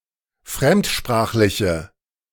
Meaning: inflection of fremdsprachlich: 1. strong/mixed nominative/accusative feminine singular 2. strong nominative/accusative plural 3. weak nominative all-gender singular
- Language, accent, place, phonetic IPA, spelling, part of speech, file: German, Germany, Berlin, [ˈfʁɛmtˌʃpʁaːxlɪçə], fremdsprachliche, adjective, De-fremdsprachliche.ogg